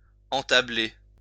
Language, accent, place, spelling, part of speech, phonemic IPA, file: French, France, Lyon, entabler, verb, /ɑ̃.ta.ble/, LL-Q150 (fra)-entabler.wav
- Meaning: to have the hips move before the shoulders